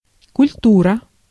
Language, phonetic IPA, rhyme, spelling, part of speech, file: Russian, [kʊlʲˈturə], -urə, культура, noun, Ru-культура.ogg
- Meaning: 1. culture 2. culture, cultivation